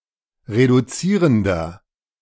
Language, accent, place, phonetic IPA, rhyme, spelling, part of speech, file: German, Germany, Berlin, [ʁeduˈt͡siːʁəndɐ], -iːʁəndɐ, reduzierender, adjective, De-reduzierender.ogg
- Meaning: 1. comparative degree of reduzierend 2. inflection of reduzierend: strong/mixed nominative masculine singular 3. inflection of reduzierend: strong genitive/dative feminine singular